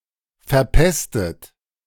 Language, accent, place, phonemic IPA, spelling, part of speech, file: German, Germany, Berlin, /fɛɐ̯ˈpɛstət/, verpestet, verb / adjective, De-verpestet.ogg
- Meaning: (verb) past participle of verpesten; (adjective) pestiferous, mephitic